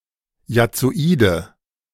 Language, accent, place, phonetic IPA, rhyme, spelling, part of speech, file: German, Germany, Berlin, [jat͡soˈiːdə], -iːdə, jazzoide, adjective, De-jazzoide.ogg
- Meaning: inflection of jazzoid: 1. strong/mixed nominative/accusative feminine singular 2. strong nominative/accusative plural 3. weak nominative all-gender singular 4. weak accusative feminine/neuter singular